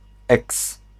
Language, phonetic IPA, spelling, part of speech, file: Polish, [ɛks], eks, noun, Pl-eks.ogg